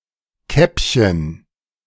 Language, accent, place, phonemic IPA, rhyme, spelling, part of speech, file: German, Germany, Berlin, /ˈkɛpçən/, -ɛpçən, Käppchen, noun, De-Käppchen.ogg
- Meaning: diminutive of Kappe